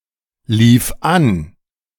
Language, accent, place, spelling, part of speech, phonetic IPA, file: German, Germany, Berlin, lief an, verb, [ˌliːf ˈan], De-lief an.ogg
- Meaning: first/third-person singular preterite of anlaufen